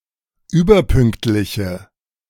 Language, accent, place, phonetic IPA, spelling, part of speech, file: German, Germany, Berlin, [ˈyːbɐˌpʏŋktlɪçə], überpünktliche, adjective, De-überpünktliche.ogg
- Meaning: inflection of überpünktlich: 1. strong/mixed nominative/accusative feminine singular 2. strong nominative/accusative plural 3. weak nominative all-gender singular